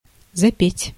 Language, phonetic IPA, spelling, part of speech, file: Russian, [zɐˈpʲetʲ], запеть, verb, Ru-запеть.ogg
- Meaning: to start singing, to sing out